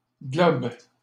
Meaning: plural of globe
- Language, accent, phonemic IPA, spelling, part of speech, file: French, Canada, /ɡlɔb/, globes, noun, LL-Q150 (fra)-globes.wav